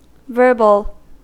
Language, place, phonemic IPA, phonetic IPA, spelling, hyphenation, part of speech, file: English, California, /ˈvɝ.bəl/, [ˈvɝ.bɫ̩], verbal, ver‧bal, adjective / noun / verb, En-us-verbal.ogg
- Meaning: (adjective) 1. Of or relating to words 2. Concerned with the words, rather than the substance of a text 3. Consisting of words only 4. Expressly spoken rather than written; oral